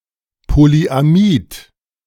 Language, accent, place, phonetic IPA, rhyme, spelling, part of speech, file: German, Germany, Berlin, [poliʔaˈmiːt], -iːt, Polyamid, noun, De-Polyamid.ogg
- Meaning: polyamide